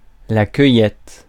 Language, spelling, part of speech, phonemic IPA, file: French, cueillette, noun, /kœ.jɛt/, Fr-cueillette.ogg
- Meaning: gathering, collecting, picking (act of gathering, collecting or picking crops, or other items (payments, data))